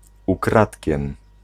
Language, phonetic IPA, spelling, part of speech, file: Polish, [uˈkratʲcɛ̃m], ukradkiem, adverb, Pl-ukradkiem.ogg